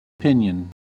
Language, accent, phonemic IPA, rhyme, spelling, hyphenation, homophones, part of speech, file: English, General American, /ˈpɪnjən/, -ɪnjən, pinion, pin‧ion, piñon, noun / verb, En-us-pinion.ogg
- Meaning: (noun) 1. A wing 2. The joint of a bird's wing farthest from the body 3. Any of the outermost primary feathers on a bird's wing 4. A moth of the genus Lithophane